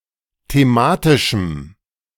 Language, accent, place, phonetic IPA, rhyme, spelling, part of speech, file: German, Germany, Berlin, [teˈmaːtɪʃm̩], -aːtɪʃm̩, thematischem, adjective, De-thematischem.ogg
- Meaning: strong dative masculine/neuter singular of thematisch